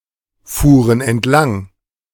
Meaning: first/third-person plural preterite of entlangfahren
- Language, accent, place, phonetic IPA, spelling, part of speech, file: German, Germany, Berlin, [ˌfuːʁən ɛntˈlaŋ], fuhren entlang, verb, De-fuhren entlang.ogg